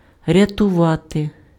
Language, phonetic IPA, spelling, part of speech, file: Ukrainian, [rʲɐtʊˈʋate], рятувати, verb, Uk-рятувати.ogg
- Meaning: to save, to rescue